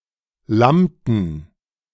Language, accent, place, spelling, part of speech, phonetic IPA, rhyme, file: German, Germany, Berlin, lammten, verb, [ˈlamtn̩], -amtn̩, De-lammten.ogg
- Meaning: inflection of lammen: 1. first/third-person plural preterite 2. first/third-person plural subjunctive II